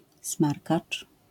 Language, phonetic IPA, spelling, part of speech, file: Polish, [ˈsmarkat͡ʃ], smarkacz, noun, LL-Q809 (pol)-smarkacz.wav